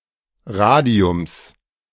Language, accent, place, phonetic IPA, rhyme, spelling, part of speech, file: German, Germany, Berlin, [ˈʁaːdi̯ʊms], -aːdi̯ʊms, Radiums, noun, De-Radiums.ogg
- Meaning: genitive singular of Radium